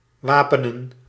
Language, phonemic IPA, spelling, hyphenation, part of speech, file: Dutch, /ˈʋaːpənə(n)/, wapenen, wa‧pe‧nen, verb, Nl-wapenen.ogg
- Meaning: 1. to arm, to give weapons to 2. to reinforce, to protect